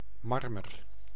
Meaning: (noun) marble (type of stone); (verb) inflection of marmeren: 1. first-person singular present indicative 2. second-person singular present indicative 3. imperative
- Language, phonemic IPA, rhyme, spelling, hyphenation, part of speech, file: Dutch, /ˈmɑr.mər/, -ɑrmər, marmer, mar‧mer, noun / verb, Nl-marmer.ogg